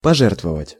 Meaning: 1. to donate 2. to sacrifice, to give, to offer
- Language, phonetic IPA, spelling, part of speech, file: Russian, [pɐˈʐɛrtvəvətʲ], пожертвовать, verb, Ru-пожертвовать.ogg